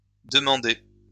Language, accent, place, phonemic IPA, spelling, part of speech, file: French, France, Lyon, /də.mɑ̃.de/, demandée, verb, LL-Q150 (fra)-demandée.wav
- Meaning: feminine singular of demandé